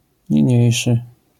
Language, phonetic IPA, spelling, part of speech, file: Polish, [ɲĩˈɲɛ̇jʃɨ], niniejszy, pronoun, LL-Q809 (pol)-niniejszy.wav